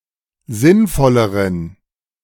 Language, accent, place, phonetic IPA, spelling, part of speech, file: German, Germany, Berlin, [ˈzɪnˌfɔləʁən], sinnvolleren, adjective, De-sinnvolleren.ogg
- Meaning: inflection of sinnvoll: 1. strong genitive masculine/neuter singular comparative degree 2. weak/mixed genitive/dative all-gender singular comparative degree